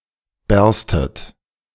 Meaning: second-person plural subjunctive I of bersten
- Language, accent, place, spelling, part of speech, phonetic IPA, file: German, Germany, Berlin, berstet, verb, [ˈbɛʁstət], De-berstet.ogg